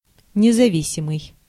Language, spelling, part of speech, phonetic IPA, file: Russian, независимый, adjective, [nʲɪzɐˈvʲisʲɪmɨj], Ru-независимый.ogg
- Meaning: independent